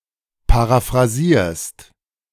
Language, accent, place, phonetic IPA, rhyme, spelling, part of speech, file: German, Germany, Berlin, [paʁafʁaˈziːɐ̯st], -iːɐ̯st, paraphrasierst, verb, De-paraphrasierst.ogg
- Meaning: second-person singular present of paraphrasieren